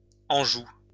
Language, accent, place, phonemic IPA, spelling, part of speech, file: French, France, Lyon, /ɑ̃.ʒu/, Anjou, proper noun, LL-Q150 (fra)-Anjou.wav
- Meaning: 1. Anjou (region) 2. a town and municipality in Isère department, Auvergne-Rhône-Alpes, France